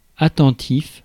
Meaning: 1. attentive 2. careful (cautious)
- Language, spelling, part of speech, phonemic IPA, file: French, attentif, adjective, /a.tɑ̃.tif/, Fr-attentif.ogg